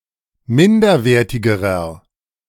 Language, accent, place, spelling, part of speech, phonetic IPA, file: German, Germany, Berlin, minderwertigerer, adjective, [ˈmɪndɐˌveːɐ̯tɪɡəʁɐ], De-minderwertigerer.ogg
- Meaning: inflection of minderwertig: 1. strong/mixed nominative masculine singular comparative degree 2. strong genitive/dative feminine singular comparative degree 3. strong genitive plural comparative degree